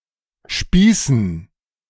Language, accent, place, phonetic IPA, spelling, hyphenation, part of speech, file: German, Germany, Berlin, [ˈʃpiːsn̩], spießen, spie‧ßen, verb, De-spießen.ogg
- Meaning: 1. to spear 2. to skewer 3. to get stuck